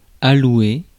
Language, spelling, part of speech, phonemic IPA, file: French, allouer, verb, /a.lwe/, Fr-allouer.ogg
- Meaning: to allot, allocate